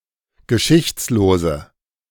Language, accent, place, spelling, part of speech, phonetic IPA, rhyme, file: German, Germany, Berlin, geschichtslose, adjective, [ɡəˈʃɪçt͡sloːzə], -ɪçt͡sloːzə, De-geschichtslose.ogg
- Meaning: inflection of geschichtslos: 1. strong/mixed nominative/accusative feminine singular 2. strong nominative/accusative plural 3. weak nominative all-gender singular